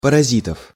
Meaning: genitive/accusative plural of парази́т (parazít)
- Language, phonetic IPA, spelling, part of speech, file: Russian, [pərɐˈzʲitəf], паразитов, noun, Ru-паразитов.ogg